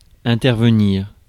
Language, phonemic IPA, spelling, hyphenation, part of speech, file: French, /ɛ̃.tɛʁ.və.niʁ/, intervenir, in‧ter‧ve‧nir, verb, Fr-intervenir.ogg
- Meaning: 1. to intervene 2. to take part